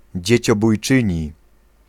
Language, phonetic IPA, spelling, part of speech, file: Polish, [ˌd͡ʑɛ̇t͡ɕɔbujˈt͡ʃɨ̃ɲi], dzieciobójczyni, noun, Pl-dzieciobójczyni.ogg